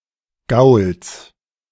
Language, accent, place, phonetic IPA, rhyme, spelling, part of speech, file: German, Germany, Berlin, [ɡaʊ̯ls], -aʊ̯ls, Gauls, noun, De-Gauls.ogg
- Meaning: genitive of Gaul